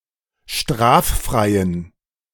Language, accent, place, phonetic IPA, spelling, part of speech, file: German, Germany, Berlin, [ˈʃtʁaːfˌfʁaɪ̯ən], straffreien, adjective, De-straffreien.ogg
- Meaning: inflection of straffrei: 1. strong genitive masculine/neuter singular 2. weak/mixed genitive/dative all-gender singular 3. strong/weak/mixed accusative masculine singular 4. strong dative plural